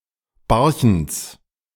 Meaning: genitive singular of Barchent
- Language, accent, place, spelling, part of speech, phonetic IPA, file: German, Germany, Berlin, Barchents, noun, [ˈbaʁçn̩t͡s], De-Barchents.ogg